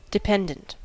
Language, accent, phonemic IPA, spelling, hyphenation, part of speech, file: English, US, /dɪˈpɛndənt/, dependent, de‧pend‧ent, adjective / noun, En-us-dependent.ogg
- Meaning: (adjective) 1. Relying upon; depending upon 2. Having a probability that is affected by the outcome of a separate event